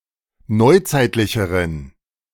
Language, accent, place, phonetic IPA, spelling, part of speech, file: German, Germany, Berlin, [ˈnɔɪ̯ˌt͡saɪ̯tlɪçəʁən], neuzeitlicheren, adjective, De-neuzeitlicheren.ogg
- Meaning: inflection of neuzeitlich: 1. strong genitive masculine/neuter singular comparative degree 2. weak/mixed genitive/dative all-gender singular comparative degree